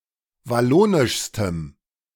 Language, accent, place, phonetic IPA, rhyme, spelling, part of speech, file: German, Germany, Berlin, [vaˈloːnɪʃstəm], -oːnɪʃstəm, wallonischstem, adjective, De-wallonischstem.ogg
- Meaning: strong dative masculine/neuter singular superlative degree of wallonisch